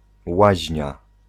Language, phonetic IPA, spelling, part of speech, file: Polish, [ˈwaʑɲa], łaźnia, noun, Pl-łaźnia.ogg